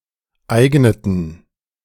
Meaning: inflection of eignen: 1. first/third-person plural preterite 2. first/third-person plural subjunctive II
- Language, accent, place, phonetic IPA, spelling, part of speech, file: German, Germany, Berlin, [ˈaɪ̯ɡnətn̩], eigneten, verb, De-eigneten.ogg